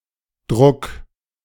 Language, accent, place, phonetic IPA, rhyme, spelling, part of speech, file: German, Germany, Berlin, [dʁʊk], -ʊk, druck, verb, De-druck.ogg
- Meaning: singular imperative of drucken